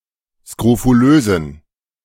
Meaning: inflection of skrofulös: 1. strong genitive masculine/neuter singular 2. weak/mixed genitive/dative all-gender singular 3. strong/weak/mixed accusative masculine singular 4. strong dative plural
- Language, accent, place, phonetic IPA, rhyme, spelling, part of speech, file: German, Germany, Berlin, [skʁofuˈløːzn̩], -øːzn̩, skrofulösen, adjective, De-skrofulösen.ogg